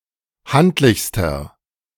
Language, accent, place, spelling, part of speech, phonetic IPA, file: German, Germany, Berlin, handlichster, adjective, [ˈhantlɪçstɐ], De-handlichster.ogg
- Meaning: inflection of handlich: 1. strong/mixed nominative masculine singular superlative degree 2. strong genitive/dative feminine singular superlative degree 3. strong genitive plural superlative degree